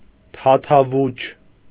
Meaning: 1. moistened, immersed, soaked, imbued 2. full, very full; running over, full to the brim
- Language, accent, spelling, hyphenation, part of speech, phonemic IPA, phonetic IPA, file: Armenian, Eastern Armenian, թաթավուչ, թա‧թա‧վուչ, adjective, /tʰɑtʰɑˈvut͡ʃʰ/, [tʰɑtʰɑvút͡ʃʰ], Hy-թաթավուչ.ogg